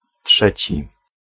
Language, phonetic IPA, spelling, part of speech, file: Polish, [ˈṭʃɛt͡ɕi], trzeci, adjective / noun, Pl-trzeci.ogg